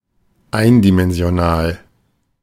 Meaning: one-dimensional, unidimensional
- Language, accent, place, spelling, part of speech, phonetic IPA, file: German, Germany, Berlin, eindimensional, adjective, [ˈaɪ̯ndimɛnzi̯oˌnaːl], De-eindimensional.ogg